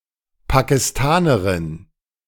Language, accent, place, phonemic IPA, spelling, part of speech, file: German, Germany, Berlin, /pakɪˈstaːnɐʁɪn/, Pakistanerin, noun, De-Pakistanerin.ogg
- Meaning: Pakistani (A female person from Pakistan or of Pakistani descent)